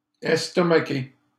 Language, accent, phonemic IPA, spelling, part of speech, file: French, Canada, /ɛs.tɔ.ma.ke/, estomaqué, verb / adjective, LL-Q150 (fra)-estomaqué.wav
- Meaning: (verb) past participle of estomaquer; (adjective) flabbergasted